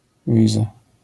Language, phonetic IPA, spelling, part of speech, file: Polish, [ˈvʲiza], wiza, noun, LL-Q809 (pol)-wiza.wav